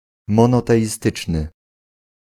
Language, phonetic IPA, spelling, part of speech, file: Polish, [ˌmɔ̃nɔtɛʲiˈstɨt͡ʃnɨ], monoteistyczny, adjective, Pl-monoteistyczny.ogg